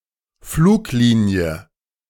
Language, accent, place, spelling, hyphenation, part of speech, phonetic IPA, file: German, Germany, Berlin, Fluglinie, Flug‧li‧nie, noun, [ˈfluːkˌliːni̯ə], De-Fluglinie.ogg
- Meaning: 1. route 2. airline